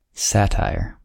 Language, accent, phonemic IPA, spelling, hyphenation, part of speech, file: English, US, /ˈsætaɪɹ/, satire, sat‧ire, noun, En-us-satire.ogg